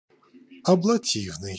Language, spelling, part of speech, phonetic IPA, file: Russian, аблативный, adjective, [ɐbɫɐˈtʲivnɨj], Ru-аблативный.ogg
- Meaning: alternative form of абляти́вный (abljatívnyj)